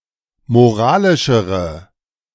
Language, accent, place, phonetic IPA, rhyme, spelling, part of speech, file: German, Germany, Berlin, [moˈʁaːlɪʃəʁə], -aːlɪʃəʁə, moralischere, adjective, De-moralischere.ogg
- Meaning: inflection of moralisch: 1. strong/mixed nominative/accusative feminine singular comparative degree 2. strong nominative/accusative plural comparative degree